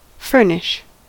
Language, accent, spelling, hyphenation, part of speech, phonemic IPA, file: English, US, furnish, fur‧nish, noun / verb, /ˈfɝnɪʃ/, En-us-furnish.ogg
- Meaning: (noun) Material used to create an engineered product; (verb) 1. To provide a place with furniture, or other equipment 2. To supply or give (something) 3. To supply (somebody) with something